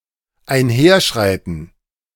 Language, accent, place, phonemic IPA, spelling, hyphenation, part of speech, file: German, Germany, Berlin, /aɪ̯nˈheːɐ̯ˌʃʁaɪ̯tn̩/, einherschreiten, ein‧her‧schrei‧ten, verb, De-einherschreiten.ogg
- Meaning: to stride along